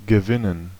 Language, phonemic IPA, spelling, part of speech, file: German, /ɡəˈvɪnən/, gewinnen, verb, De-gewinnen.ogg
- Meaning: 1. to win; to be victorious 2. to win something; to gain 3. to win over; to persuade 4. to win or extract a resource